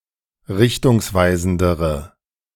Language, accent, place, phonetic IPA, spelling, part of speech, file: German, Germany, Berlin, [ˈʁɪçtʊŋsˌvaɪ̯zn̩dəʁə], richtungsweisendere, adjective, De-richtungsweisendere.ogg
- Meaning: inflection of richtungsweisend: 1. strong/mixed nominative/accusative feminine singular comparative degree 2. strong nominative/accusative plural comparative degree